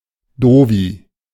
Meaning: dummy, doofus
- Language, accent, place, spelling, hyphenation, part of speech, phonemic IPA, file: German, Germany, Berlin, Doofi, Doo‧fi, noun, /ˈdoːfi/, De-Doofi.ogg